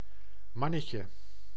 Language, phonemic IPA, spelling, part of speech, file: Dutch, /ˈmɑ.nə.tjə/, mannetje, noun, Nl-mannetje.ogg
- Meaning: 1. diminutive of man: short adult male person 2. the male of a species of animal or plant 3. man who performs odd jobs for money, often without paying tax